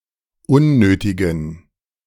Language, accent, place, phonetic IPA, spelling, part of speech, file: German, Germany, Berlin, [ˈʊnˌnøːtɪɡn̩], unnötigen, adjective, De-unnötigen.ogg
- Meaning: inflection of unnötig: 1. strong genitive masculine/neuter singular 2. weak/mixed genitive/dative all-gender singular 3. strong/weak/mixed accusative masculine singular 4. strong dative plural